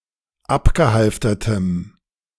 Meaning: strong dative masculine/neuter singular of abgehalftert
- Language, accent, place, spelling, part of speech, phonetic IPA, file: German, Germany, Berlin, abgehalftertem, adjective, [ˈapɡəˌhalftɐtəm], De-abgehalftertem.ogg